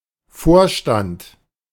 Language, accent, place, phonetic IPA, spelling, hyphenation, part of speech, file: German, Germany, Berlin, [ˈfoːɐ̯ʃtant], Vorstand, Vor‧stand, noun, De-Vorstand.ogg
- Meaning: 1. board, board of directors, (of a church) council, (of a party) executive, (of an organization) committee, executive committee 2. director, board member, (member of a church) warden